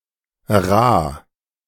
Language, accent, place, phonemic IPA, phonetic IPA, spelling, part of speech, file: German, Germany, Berlin, /raː/, [ʁaː], Rah, noun, De-Rah.ogg
- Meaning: yard (horizontal spar on the mast of a sailing ship)